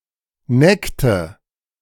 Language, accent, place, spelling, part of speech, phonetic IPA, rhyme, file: German, Germany, Berlin, neckte, verb, [ˈnɛktə], -ɛktə, De-neckte.ogg
- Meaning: inflection of necken: 1. first/third-person singular preterite 2. first/third-person singular subjunctive II